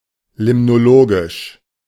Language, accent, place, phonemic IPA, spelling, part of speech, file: German, Germany, Berlin, /ˌlɪmnoˈloːɡɪʃ/, limnologisch, adjective, De-limnologisch.ogg
- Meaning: limnological